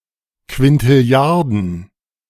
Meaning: plural of Quintilliarde
- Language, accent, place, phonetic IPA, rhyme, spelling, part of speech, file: German, Germany, Berlin, [kvɪntɪˈli̯aʁdn̩], -aʁdn̩, Quintilliarden, noun, De-Quintilliarden.ogg